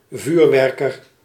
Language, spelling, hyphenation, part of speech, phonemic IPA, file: Dutch, vuurwerker, vuur‧wer‧ker, noun, /ˈvyːrˌʋɛr.kər/, Nl-vuurwerker.ogg
- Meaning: a low-ranking officer at an artillery branch